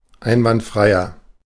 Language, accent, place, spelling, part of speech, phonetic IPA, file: German, Germany, Berlin, einwandfreier, adjective, [ˈaɪ̯nvantˌfʁaɪ̯ɐ], De-einwandfreier.ogg
- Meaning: 1. comparative degree of einwandfrei 2. inflection of einwandfrei: strong/mixed nominative masculine singular 3. inflection of einwandfrei: strong genitive/dative feminine singular